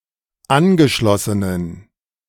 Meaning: inflection of angeschlossen: 1. strong genitive masculine/neuter singular 2. weak/mixed genitive/dative all-gender singular 3. strong/weak/mixed accusative masculine singular 4. strong dative plural
- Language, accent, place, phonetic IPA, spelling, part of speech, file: German, Germany, Berlin, [ˈanɡəˌʃlɔsənən], angeschlossenen, adjective, De-angeschlossenen.ogg